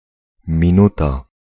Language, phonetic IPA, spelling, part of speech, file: Polish, [mʲĩˈnuta], minuta, noun, Pl-minuta.ogg